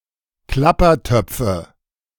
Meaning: nominative/accusative/genitive plural of Klappertopf
- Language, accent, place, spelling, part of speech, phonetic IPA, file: German, Germany, Berlin, Klappertöpfe, noun, [ˈklapɐˌtœp͡fə], De-Klappertöpfe.ogg